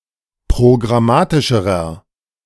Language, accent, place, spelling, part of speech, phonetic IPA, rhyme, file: German, Germany, Berlin, programmatischerer, adjective, [pʁoɡʁaˈmaːtɪʃəʁɐ], -aːtɪʃəʁɐ, De-programmatischerer.ogg
- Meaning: inflection of programmatisch: 1. strong/mixed nominative masculine singular comparative degree 2. strong genitive/dative feminine singular comparative degree